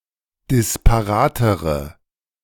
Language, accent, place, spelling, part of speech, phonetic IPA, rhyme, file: German, Germany, Berlin, disparatere, adjective, [dɪspaˈʁaːtəʁə], -aːtəʁə, De-disparatere.ogg
- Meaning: inflection of disparat: 1. strong/mixed nominative/accusative feminine singular comparative degree 2. strong nominative/accusative plural comparative degree